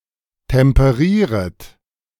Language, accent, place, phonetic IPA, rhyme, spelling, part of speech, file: German, Germany, Berlin, [tɛmpəˈʁiːʁət], -iːʁət, temperieret, verb, De-temperieret.ogg
- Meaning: second-person plural subjunctive I of temperieren